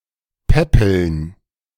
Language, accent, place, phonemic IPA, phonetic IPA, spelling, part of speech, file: German, Germany, Berlin, /ˈpɛpəln/, [ˈpɛpl̩n], päppeln, verb, De-päppeln.ogg
- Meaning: to feed, foster, nurse, especially someone ill or weak